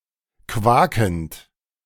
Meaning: present participle of quaken
- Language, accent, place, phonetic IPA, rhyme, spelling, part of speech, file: German, Germany, Berlin, [ˈkvaːkn̩t], -aːkn̩t, quakend, verb, De-quakend.ogg